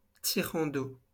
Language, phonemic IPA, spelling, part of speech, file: French, /ti.ʁɑ̃ d‿o/, tirant d'eau, noun, LL-Q150 (fra)-tirant d'eau.wav
- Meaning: draught